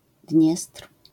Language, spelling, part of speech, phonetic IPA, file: Polish, Dniestr, proper noun, [dʲɲɛstr̥], LL-Q809 (pol)-Dniestr.wav